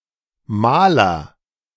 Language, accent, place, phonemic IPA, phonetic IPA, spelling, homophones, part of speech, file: German, Germany, Berlin, /ˈmaːlər/, [ˈmaːlɐ], Maler, Mahler, noun, De-Maler.ogg
- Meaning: agent noun of malen (male or of unspecified gender): 1. painter (artist who paints pictures) 2. painter (skilled worker who paints walls etc.)